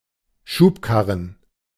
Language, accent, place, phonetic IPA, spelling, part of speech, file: German, Germany, Berlin, [ˈʃuːpˌkaʁən], Schubkarren, noun, De-Schubkarren.ogg
- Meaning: alternative form of Schubkarre